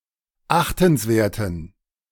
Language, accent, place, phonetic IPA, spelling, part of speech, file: German, Germany, Berlin, [ˈaxtn̩sˌveːɐ̯tn̩], achtenswerten, adjective, De-achtenswerten.ogg
- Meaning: inflection of achtenswert: 1. strong genitive masculine/neuter singular 2. weak/mixed genitive/dative all-gender singular 3. strong/weak/mixed accusative masculine singular 4. strong dative plural